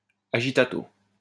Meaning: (noun) agitato
- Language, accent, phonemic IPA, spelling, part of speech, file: French, France, /a.ʒi.ta.to/, agitato, noun / adverb, LL-Q150 (fra)-agitato.wav